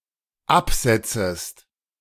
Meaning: second-person singular dependent subjunctive I of absetzen
- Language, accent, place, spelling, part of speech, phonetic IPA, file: German, Germany, Berlin, absetzest, verb, [ˈapˌz̥ɛt͡səst], De-absetzest.ogg